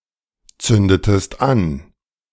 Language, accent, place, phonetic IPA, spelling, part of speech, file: German, Germany, Berlin, [ˌt͡sʏndətəst ˈan], zündetest an, verb, De-zündetest an.ogg
- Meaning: inflection of anzünden: 1. second-person singular preterite 2. second-person singular subjunctive II